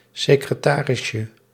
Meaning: diminutive of secretaris
- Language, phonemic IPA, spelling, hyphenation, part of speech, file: Dutch, /sɪkrəˈtaːrɪsjə/, secretarisje, se‧cre‧ta‧ris‧je, noun, Nl-secretarisje.ogg